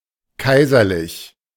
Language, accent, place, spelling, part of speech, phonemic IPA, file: German, Germany, Berlin, kaiserlich, adjective, /ˈkaɪ̯zɐˌlɪç/, De-kaiserlich.ogg
- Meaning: 1. imperial (pertaining to an emperor) 2. imperial, regal: very grand or fine